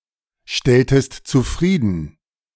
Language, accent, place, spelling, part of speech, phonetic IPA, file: German, Germany, Berlin, stelltest zufrieden, verb, [ˌʃtɛltəst t͡suˈfʁiːdn̩], De-stelltest zufrieden.ogg
- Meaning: inflection of zufriedenstellen: 1. second-person singular preterite 2. second-person singular subjunctive II